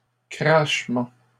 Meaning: plural of crachement
- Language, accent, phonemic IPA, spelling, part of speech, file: French, Canada, /kʁaʃ.mɑ̃/, crachements, noun, LL-Q150 (fra)-crachements.wav